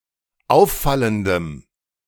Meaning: strong dative masculine/neuter singular of auffallend
- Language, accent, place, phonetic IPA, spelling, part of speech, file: German, Germany, Berlin, [ˈaʊ̯fˌfaləndəm], auffallendem, adjective, De-auffallendem.ogg